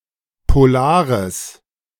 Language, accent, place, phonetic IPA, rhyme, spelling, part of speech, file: German, Germany, Berlin, [poˈlaːʁəs], -aːʁəs, polares, adjective, De-polares.ogg
- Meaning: strong/mixed nominative/accusative neuter singular of polar